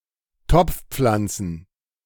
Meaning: plural of Topfpflanze
- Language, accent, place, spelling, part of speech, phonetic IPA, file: German, Germany, Berlin, Topfpflanzen, noun, [ˈtɔp͡fˌp͡flant͡sn̩], De-Topfpflanzen.ogg